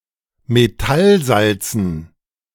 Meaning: dative plural of Metallsalz
- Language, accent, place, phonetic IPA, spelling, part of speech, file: German, Germany, Berlin, [meˈtalˌzalt͡sn̩], Metallsalzen, noun, De-Metallsalzen.ogg